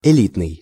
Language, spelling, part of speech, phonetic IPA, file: Russian, элитный, adjective, [ɪˈlʲitnɨj], Ru-элитный.ogg
- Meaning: 1. elite 2. best, choice 3. luxury, luxurious